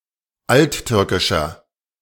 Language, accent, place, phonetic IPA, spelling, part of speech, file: German, Germany, Berlin, [ˈaltˌtʏʁkɪʃɐ], alttürkischer, adjective, De-alttürkischer.ogg
- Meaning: 1. comparative degree of alttürkisch 2. inflection of alttürkisch: strong/mixed nominative masculine singular 3. inflection of alttürkisch: strong genitive/dative feminine singular